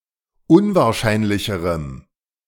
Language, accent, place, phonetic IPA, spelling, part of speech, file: German, Germany, Berlin, [ˈʊnvaːɐ̯ˌʃaɪ̯nlɪçəʁəm], unwahrscheinlicherem, adjective, De-unwahrscheinlicherem.ogg
- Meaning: strong dative masculine/neuter singular comparative degree of unwahrscheinlich